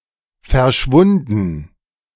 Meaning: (verb) past participle of verschwinden; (adjective) disappeared
- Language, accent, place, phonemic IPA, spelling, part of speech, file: German, Germany, Berlin, /fɛɐ̯ˈʃvʊndn̩/, verschwunden, verb / adjective, De-verschwunden.ogg